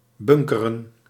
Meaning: 1. to create a stock of (mostly of fuel) 2. to devour, to feast, to eat voraciously in large quantities
- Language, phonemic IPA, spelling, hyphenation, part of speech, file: Dutch, /ˈbʏŋ.kə.rə(n)/, bunkeren, bun‧ke‧ren, verb, Nl-bunkeren.ogg